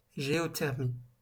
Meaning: geothermy
- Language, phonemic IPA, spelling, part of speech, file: French, /ʒe.ɔ.tɛʁ.mi/, géothermie, noun, LL-Q150 (fra)-géothermie.wav